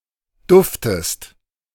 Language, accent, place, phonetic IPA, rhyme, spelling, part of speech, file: German, Germany, Berlin, [ˈdʊftəst], -ʊftəst, duftest, verb, De-duftest.ogg
- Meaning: inflection of duften: 1. second-person singular present 2. second-person singular subjunctive I